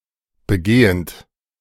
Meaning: present participle of begehen
- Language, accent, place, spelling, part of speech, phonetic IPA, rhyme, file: German, Germany, Berlin, begehend, verb, [bəˈɡeːənt], -eːənt, De-begehend.ogg